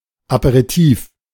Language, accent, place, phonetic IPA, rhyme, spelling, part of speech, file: German, Germany, Berlin, [apeʁiˈtiːf], -iːf, Aperitif, noun, De-Aperitif.ogg
- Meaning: apéritif